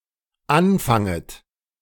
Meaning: second-person plural dependent subjunctive I of anfangen
- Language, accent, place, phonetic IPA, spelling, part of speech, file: German, Germany, Berlin, [ˈanˌfaŋət], anfanget, verb, De-anfanget.ogg